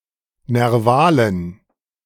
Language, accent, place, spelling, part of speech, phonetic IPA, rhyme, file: German, Germany, Berlin, nervalen, adjective, [nɛʁˈvaːlən], -aːlən, De-nervalen.ogg
- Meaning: inflection of nerval: 1. strong genitive masculine/neuter singular 2. weak/mixed genitive/dative all-gender singular 3. strong/weak/mixed accusative masculine singular 4. strong dative plural